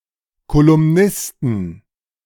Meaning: 1. genitive singular of Kolumnist 2. plural of Kolumnist
- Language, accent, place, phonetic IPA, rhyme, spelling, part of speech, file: German, Germany, Berlin, [kolʊmˈnɪstn̩], -ɪstn̩, Kolumnisten, noun, De-Kolumnisten.ogg